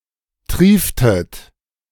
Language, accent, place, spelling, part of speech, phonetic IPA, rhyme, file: German, Germany, Berlin, trieftet, verb, [ˈtʁiːftət], -iːftət, De-trieftet.ogg
- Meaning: inflection of triefen: 1. second-person plural preterite 2. second-person plural subjunctive II